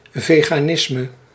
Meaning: veganism
- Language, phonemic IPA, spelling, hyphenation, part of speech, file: Dutch, /ˌveː.ɣaːˈnɪs.mə/, veganisme, ve‧ga‧nis‧me, noun, Nl-veganisme.ogg